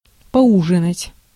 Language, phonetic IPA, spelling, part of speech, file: Russian, [pɐˈuʐɨnətʲ], поужинать, verb, Ru-поужинать.ogg
- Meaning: to dine; to have dinner; to have supper (refers to the 3rd meal of the day, served around 7 to 8 p.m.)